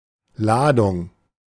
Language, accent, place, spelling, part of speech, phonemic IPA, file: German, Germany, Berlin, Ladung, noun, /ˈlaːdʊŋ/, De-Ladung.ogg
- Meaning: 1. cargo, freight 2. load, batch 3. (electrical) charge 4. (explosive) charge; round (of ammunition) 5. citation, evocation, summons before a court or other authority